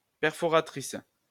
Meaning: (adjective) feminine singular of perforateur; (noun) 1. punch (device) 2. card punch
- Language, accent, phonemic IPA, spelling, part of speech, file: French, France, /pɛʁ.fɔ.ʁa.tʁis/, perforatrice, adjective / noun, LL-Q150 (fra)-perforatrice.wav